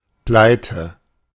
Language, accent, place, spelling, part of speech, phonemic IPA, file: German, Germany, Berlin, Pleite, noun, /ˈplaɪ̯tə/, De-Pleite.ogg
- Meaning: 1. bankruptcy 2. flop, failure